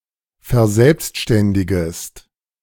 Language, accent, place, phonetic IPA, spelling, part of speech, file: German, Germany, Berlin, [fɛɐ̯ˈzɛlpstʃtɛndɪɡəst], verselbstständigest, verb, De-verselbstständigest.ogg
- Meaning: second-person singular subjunctive I of verselbstständigen